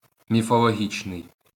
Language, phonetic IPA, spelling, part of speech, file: Ukrainian, [mʲifɔɫoˈɦʲit͡ʃnei̯], міфологічний, adjective, LL-Q8798 (ukr)-міфологічний.wav
- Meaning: mythological